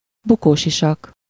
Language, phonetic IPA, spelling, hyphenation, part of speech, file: Hungarian, [ˈbukoːʃiʃɒk], bukósisak, bu‧kó‧si‧sak, noun, Hu-bukósisak.ogg
- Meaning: crash helmet